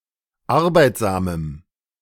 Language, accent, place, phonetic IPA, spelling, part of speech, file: German, Germany, Berlin, [ˈaʁbaɪ̯tzaːməm], arbeitsamem, adjective, De-arbeitsamem.ogg
- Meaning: strong dative masculine/neuter singular of arbeitsam